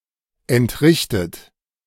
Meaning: 1. past participle of entrichten 2. inflection of entrichten: third-person singular present 3. inflection of entrichten: second-person plural present
- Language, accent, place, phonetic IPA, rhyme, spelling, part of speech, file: German, Germany, Berlin, [ɛntˈʁɪçtət], -ɪçtət, entrichtet, verb, De-entrichtet.ogg